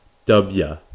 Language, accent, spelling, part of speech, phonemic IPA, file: English, US, Dubya, proper noun, /ˈdʌb.jə/, En-us-Dubya.ogg
- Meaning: A nickname for and abbreviation of George W. Bush